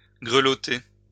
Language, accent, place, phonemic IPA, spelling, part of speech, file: French, France, Lyon, /ɡʁə.lɔ.te/, greloter, verb, LL-Q150 (fra)-greloter.wav
- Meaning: alternative spelling of grelotter